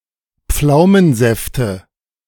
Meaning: nominative/accusative/genitive plural of Pflaumensaft
- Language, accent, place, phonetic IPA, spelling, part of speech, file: German, Germany, Berlin, [ˈp͡flaʊ̯mənˌzɛftə], Pflaumensäfte, noun, De-Pflaumensäfte.ogg